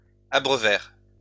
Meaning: third-person plural past historic of abreuver
- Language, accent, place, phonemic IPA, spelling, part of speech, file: French, France, Lyon, /a.bʁœ.vɛʁ/, abreuvèrent, verb, LL-Q150 (fra)-abreuvèrent.wav